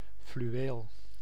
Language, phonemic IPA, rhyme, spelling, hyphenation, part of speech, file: Dutch, /flyˈ(ʋ)eːl/, -eːl, fluweel, flu‧weel, noun, Nl-fluweel.ogg
- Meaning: velvet (closely woven fabric with pile on one side)